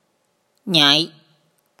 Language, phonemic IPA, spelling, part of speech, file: Mon, /ɲɛ̤ʔ/, ည, character / noun, Mnw-ည.oga
- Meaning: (character) Ñnya, the tenth consonant of the Mon alphabet; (noun) expletive in ညိည